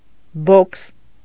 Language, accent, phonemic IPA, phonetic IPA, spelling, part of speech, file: Armenian, Eastern Armenian, /bokʰs/, [bokʰs], բոքս, noun, Hy-բոքս.ogg
- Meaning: boxing